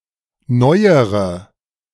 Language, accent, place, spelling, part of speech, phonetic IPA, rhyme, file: German, Germany, Berlin, neuere, adjective / verb, [ˈnɔɪ̯əʁə], -ɔɪ̯əʁə, De-neuere.ogg
- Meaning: inflection of neu: 1. strong/mixed nominative/accusative feminine singular comparative degree 2. strong nominative/accusative plural comparative degree